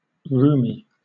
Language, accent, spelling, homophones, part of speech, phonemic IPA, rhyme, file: English, Southern England, rheumy, roomy / Rumi, adjective, /ˈɹuːmi/, -uːmi, LL-Q1860 (eng)-rheumy.wav
- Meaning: Of, relating to, or made of rheum (“thin or watery discharge of mucus or serum”); watery